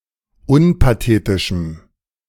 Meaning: strong dative masculine/neuter singular of unpathetisch
- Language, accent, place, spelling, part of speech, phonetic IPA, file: German, Germany, Berlin, unpathetischem, adjective, [ˈʊnpaˌteːtɪʃm̩], De-unpathetischem.ogg